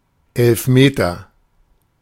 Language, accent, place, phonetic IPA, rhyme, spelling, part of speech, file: German, Germany, Berlin, [ɛlfˈmeːtɐ], -eːtɐ, Elfmeter, noun, De-Elfmeter.ogg
- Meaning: penalty kick